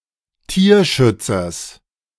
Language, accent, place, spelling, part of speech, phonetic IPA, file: German, Germany, Berlin, Tierschützers, noun, [ˈtiːɐ̯ˌʃʏt͡sɐs], De-Tierschützers.ogg
- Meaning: genitive singular of Tierschützer